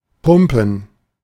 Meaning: 1. to pump (use a pump, work like a pump) 2. to pant, to breathe intensely due to exertion, to exert or push oneself 3. to pump, weightlift, work out
- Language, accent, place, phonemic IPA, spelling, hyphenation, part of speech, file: German, Germany, Berlin, /ˈpʊmpən/, pumpen, pum‧pen, verb, De-pumpen.ogg